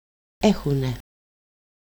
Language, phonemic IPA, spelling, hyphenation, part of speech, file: Greek, /ˈe.xu.ne/, έχουνε, έ‧χου‧νε, verb, El-έχουνε.ogg
- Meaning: alternative form of έχουν (échoun): "they have"